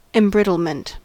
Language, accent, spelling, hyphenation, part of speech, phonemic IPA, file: English, US, embrittlement, em‧brit‧tle‧ment, noun, /ɛmˈbɹɪtl̩mənt/, En-us-embrittlement.ogg
- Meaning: The process of being embrittled; loss of flexibility or elasticity of a material; the development of brittleness